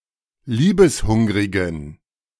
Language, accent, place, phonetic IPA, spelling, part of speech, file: German, Germany, Berlin, [ˈliːbəsˌhʊŋʁɪɡn̩], liebeshungrigen, adjective, De-liebeshungrigen.ogg
- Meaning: inflection of liebeshungrig: 1. strong genitive masculine/neuter singular 2. weak/mixed genitive/dative all-gender singular 3. strong/weak/mixed accusative masculine singular 4. strong dative plural